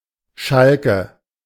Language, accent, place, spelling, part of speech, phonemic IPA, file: German, Germany, Berlin, Schalke, proper noun / noun, /ˈʃalkə/, De-Schalke.ogg
- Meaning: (proper noun) 1. a quarter in Gelsenkirchen, North Rhine-Westphalia, Germany 2. short for FC Schalke 04 (football club); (noun) nominative/accusative/genitive plural of Schalk